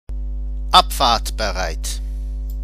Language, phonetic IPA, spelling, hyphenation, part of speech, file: German, [ˈapfaːɐ̯tbəˌʁaɪ̯t], abfahrtbereit, ab‧fahrt‧be‧reit, adjective, De-abfahrtbereit.ogg
- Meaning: synonym of abfahrbereit